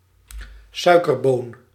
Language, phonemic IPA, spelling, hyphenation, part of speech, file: Dutch, /ˈsœy̯.kərˌboːn/, suikerboon, sui‧ker‧boon, noun, Nl-suikerboon.ogg
- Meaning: a sugar plum, a piece of hard candy or boiled sweets